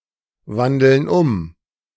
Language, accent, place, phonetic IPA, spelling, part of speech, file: German, Germany, Berlin, [ˌvandl̩n ˈʊm], wandeln um, verb, De-wandeln um.ogg
- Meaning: inflection of umwandeln: 1. first/third-person plural present 2. first/third-person plural subjunctive I